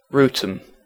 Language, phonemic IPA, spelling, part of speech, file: English, /ˈɹuːtəm/, Wrotham, proper noun, En-Wrotham.ogg
- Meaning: 1. A village and civil parish in Tonbridge and Malling borough, Kent, England (OS grid ref TQ6159) 2. A rural locality in the Shire of Mareeba, northern Queensland, Australia